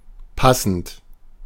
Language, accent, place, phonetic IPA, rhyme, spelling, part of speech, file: German, Germany, Berlin, [ˈpasn̩t], -asn̩t, passend, adjective / verb, De-passend.ogg
- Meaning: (verb) present participle of passen; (adjective) suitable, fitting, matching